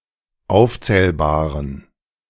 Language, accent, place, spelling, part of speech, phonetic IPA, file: German, Germany, Berlin, aufzählbaren, adjective, [ˈaʊ̯ft͡sɛːlbaːʁən], De-aufzählbaren.ogg
- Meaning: inflection of aufzählbar: 1. strong genitive masculine/neuter singular 2. weak/mixed genitive/dative all-gender singular 3. strong/weak/mixed accusative masculine singular 4. strong dative plural